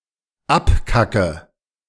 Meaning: inflection of abkacken: 1. first-person singular dependent present 2. first/third-person singular dependent subjunctive I
- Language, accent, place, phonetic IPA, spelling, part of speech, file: German, Germany, Berlin, [ˈapˌkakə], abkacke, verb, De-abkacke.ogg